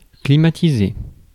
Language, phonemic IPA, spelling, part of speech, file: French, /kli.ma.ti.ze/, climatisé, adjective / verb, Fr-climatisé.ogg
- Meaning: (adjective) air-conditioned; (verb) past participle of climatiser